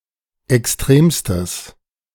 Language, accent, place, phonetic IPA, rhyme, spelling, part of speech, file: German, Germany, Berlin, [ɛksˈtʁeːmstəs], -eːmstəs, extremstes, adjective, De-extremstes.ogg
- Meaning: strong/mixed nominative/accusative neuter singular superlative degree of extrem